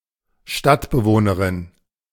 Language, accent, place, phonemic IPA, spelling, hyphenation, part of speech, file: German, Germany, Berlin, /ˈʃtatbəˌvoːnəʁɪn/, Stadtbewohnerin, Stadt‧be‧woh‧ne‧rin, noun, De-Stadtbewohnerin.ogg
- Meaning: female equivalent of Stadtbewohner